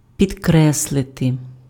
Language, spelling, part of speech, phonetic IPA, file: Ukrainian, підкреслити, verb, [pʲidˈkrɛsɫete], Uk-підкреслити.ogg
- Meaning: 1. to underline, to underscore 2. to emphasize